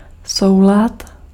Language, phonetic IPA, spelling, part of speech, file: Czech, [ˈsou̯lat], soulad, noun, Cs-soulad.ogg
- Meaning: 1. harmony 2. agreement